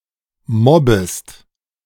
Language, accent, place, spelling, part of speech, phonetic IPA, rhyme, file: German, Germany, Berlin, mobbest, verb, [ˈmɔbəst], -ɔbəst, De-mobbest.ogg
- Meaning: second-person singular subjunctive I of mobben